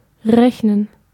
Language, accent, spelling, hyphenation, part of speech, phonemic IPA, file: German, Germany, rechnen, rech‧nen, verb, /ˈʁɛçnən/, De-rechnen.ogg
- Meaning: 1. to count, reckon, calculate, compute 2. to count on, expect 3. to pay off, to be profitable